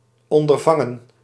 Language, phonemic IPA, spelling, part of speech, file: Dutch, /ˌɔn.dərˈvɑŋə(n)/, ondervangen, verb, Nl-ondervangen.ogg
- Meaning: 1. to forestall, to prevent 2. to intercept